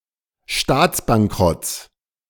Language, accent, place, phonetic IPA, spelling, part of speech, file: German, Germany, Berlin, [ˈʃtaːt͡sbaŋˌkʁɔt͡s], Staatsbankrotts, noun, De-Staatsbankrotts.ogg
- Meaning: genitive singular of Staatsbankrott